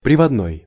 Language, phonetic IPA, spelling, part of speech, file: Russian, [prʲɪvɐdˈnoj], приводной, adjective, Ru-приводной.ogg
- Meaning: drive